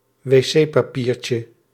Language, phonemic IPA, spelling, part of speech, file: Dutch, /weˈsepɑˌpircə/, wc-papiertje, noun, Nl-wc-papiertje.ogg
- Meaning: diminutive of wc-papier